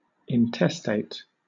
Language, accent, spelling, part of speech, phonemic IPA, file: English, Southern England, intestate, adjective / noun, /ɪnˈtɛsteɪt/, LL-Q1860 (eng)-intestate.wav
- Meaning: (adjective) 1. Without a valid will indicating whom to leave one's estate to after death 2. Not devised or bequeathed; not disposed of by will; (noun) A person who dies without making a valid will